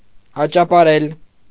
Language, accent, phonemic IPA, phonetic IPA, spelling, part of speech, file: Armenian, Eastern Armenian, /ɑt͡ʃɑpɑˈɾel/, [ɑt͡ʃɑpɑɾél], աճապարել, verb, Hy-աճապարել.ogg
- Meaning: to hurry, to rush, to hasten